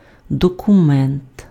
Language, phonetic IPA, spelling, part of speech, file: Ukrainian, [dɔkʊˈmɛnt], документ, noun, Uk-документ.ogg
- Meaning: document